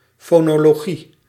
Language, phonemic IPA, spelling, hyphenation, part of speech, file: Dutch, /ˌfoːnɔ.lɔˈɣi/, fonologie, fo‧no‧logie, noun, Nl-fonologie.ogg
- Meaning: phonology